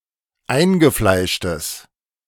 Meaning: strong/mixed nominative/accusative neuter singular of eingefleischt
- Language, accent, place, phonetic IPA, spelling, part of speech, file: German, Germany, Berlin, [ˈaɪ̯nɡəˌflaɪ̯ʃtəs], eingefleischtes, adjective, De-eingefleischtes.ogg